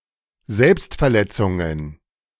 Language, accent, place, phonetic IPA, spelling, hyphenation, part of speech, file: German, Germany, Berlin, [ˈzɛlpstfɛɐ̯ˌlɛt͡sʊŋən], Selbstverletzungen, Selbst‧ver‧let‧zun‧gen, noun, De-Selbstverletzungen.ogg
- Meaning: nominative/genitive/dative/accusative plural of Selbstverletzung